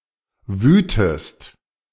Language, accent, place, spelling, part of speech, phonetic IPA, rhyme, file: German, Germany, Berlin, wütest, verb, [ˈvyːtəst], -yːtəst, De-wütest.ogg
- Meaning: inflection of wüten: 1. second-person singular present 2. second-person singular subjunctive I